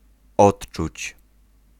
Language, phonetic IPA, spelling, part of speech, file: Polish, [ˈɔṭt͡ʃut͡ɕ], odczuć, verb, Pl-odczuć.ogg